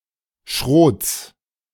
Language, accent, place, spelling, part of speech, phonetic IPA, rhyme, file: German, Germany, Berlin, Schrots, noun, [ʃʁoːt͡s], -oːt͡s, De-Schrots.ogg
- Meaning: genitive singular of Schrot